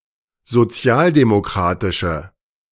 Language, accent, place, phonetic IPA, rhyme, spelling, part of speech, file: German, Germany, Berlin, [zoˈt͡si̯aːldemoˌkʁaːtɪʃə], -aːldemokʁaːtɪʃə, sozialdemokratische, adjective, De-sozialdemokratische.ogg
- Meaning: inflection of sozialdemokratisch: 1. strong/mixed nominative/accusative feminine singular 2. strong nominative/accusative plural 3. weak nominative all-gender singular